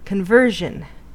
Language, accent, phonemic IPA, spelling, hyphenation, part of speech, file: English, US, /kənˈvɝʒən/, conversion, con‧ver‧sion, noun, En-us-conversion.ogg
- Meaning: 1. The act of converting something or someone 2. A software product converted from one platform to another 3. A chemical reaction wherein a substrate is transformed into a product